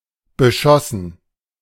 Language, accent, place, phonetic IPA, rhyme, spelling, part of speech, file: German, Germany, Berlin, [bəˈʃɔsn̩], -ɔsn̩, beschossen, verb, De-beschossen.ogg
- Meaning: past participle of beschießen